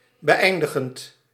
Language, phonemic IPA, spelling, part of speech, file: Dutch, /bəˈɛi̯ndəxt/, beëindigd, verb, Nl-beëindigd.ogg
- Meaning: past participle of beëindigen